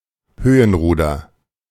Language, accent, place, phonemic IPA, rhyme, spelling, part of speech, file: German, Germany, Berlin, /ˈhøːənˌʁuːdɐ/, -uːdɐ, Höhenruder, noun, De-Höhenruder.ogg
- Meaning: elevator (control surface of an aircraft)